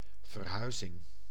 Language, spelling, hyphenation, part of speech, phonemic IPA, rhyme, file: Dutch, verhuizing, ver‧hui‧zing, noun, /vərˈɦœy̯.zɪŋ/, -œy̯zɪŋ, Nl-verhuizing.ogg
- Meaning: move (change of place of habitation)